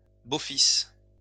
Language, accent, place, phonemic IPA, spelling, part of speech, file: French, France, Lyon, /bo.fis/, beaux-fils, noun, LL-Q150 (fra)-beaux-fils.wav
- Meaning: plural of beau-fils